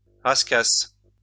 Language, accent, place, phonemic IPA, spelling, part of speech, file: French, France, Lyon, /ʁas.kas/, rascasse, noun, LL-Q150 (fra)-rascasse.wav
- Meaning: scorpionfish